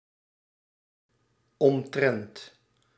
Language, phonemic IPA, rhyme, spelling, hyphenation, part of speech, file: Dutch, /ɔmˈtrɛnt/, -ɛnt, omtrent, om‧trent, preposition, Nl-omtrent.ogg
- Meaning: concerning